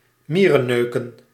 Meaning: to nitpick, to be fastidious
- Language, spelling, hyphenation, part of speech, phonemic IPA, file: Dutch, mierenneuken, mie‧ren‧neu‧ken, verb, /ˈmiː.rəˌnøː.kə(n)/, Nl-mierenneuken.ogg